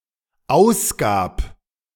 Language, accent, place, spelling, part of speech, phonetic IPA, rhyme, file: German, Germany, Berlin, ausgab, verb, [ˈaʊ̯sˌɡaːp], -aʊ̯sɡaːp, De-ausgab.ogg
- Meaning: first/third-person singular dependent preterite of ausgeben